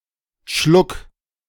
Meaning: sip, swallow, small drink
- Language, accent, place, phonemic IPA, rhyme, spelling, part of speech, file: German, Germany, Berlin, /ʃlʊk/, -ʊk, Schluck, noun, De-Schluck.ogg